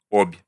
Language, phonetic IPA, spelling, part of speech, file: Russian, [opʲ], Обь, proper noun, Ru-Обь .ogg
- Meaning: 1. Ob (a major river in western Siberia, Russia) 2. Ob (Russian icebreaker)